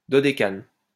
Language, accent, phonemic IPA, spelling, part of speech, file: French, France, /dɔ.de.kan/, dodécane, noun, LL-Q150 (fra)-dodécane.wav
- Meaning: dodecane